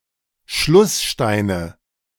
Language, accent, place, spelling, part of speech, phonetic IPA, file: German, Germany, Berlin, Schlusssteine, noun, [ˈʃlʊsˌʃtaɪ̯nə], De-Schlusssteine.ogg
- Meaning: nominative/accusative/genitive plural of Schlussstein